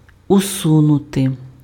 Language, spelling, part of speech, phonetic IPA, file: Ukrainian, усунути, verb, [ʊˈsunʊte], Uk-усунути.ogg
- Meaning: 1. to eliminate, to remove (get rid of something) 2. to remove, to dismiss (discharge someone from office) 3. to push aside, to move aside 4. alternative form of всу́нути (vsúnuty)